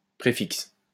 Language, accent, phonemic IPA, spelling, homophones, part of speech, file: French, France, /pʁe.fiks/, préfix, préfixe, adjective, LL-Q150 (fra)-préfix.wav
- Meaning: preset, predetermined